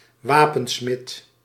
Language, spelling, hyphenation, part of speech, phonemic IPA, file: Dutch, wapensmid, wa‧pen‧smid, noun, /ˈʋaː.pə(n)ˌsmɪt/, Nl-wapensmid.ogg
- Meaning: weaponsmith